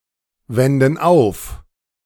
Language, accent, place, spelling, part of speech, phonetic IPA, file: German, Germany, Berlin, wenden auf, verb, [ˌvɛndn̩ ˈaʊ̯f], De-wenden auf.ogg
- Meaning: inflection of aufwenden: 1. first/third-person plural present 2. first/third-person plural subjunctive I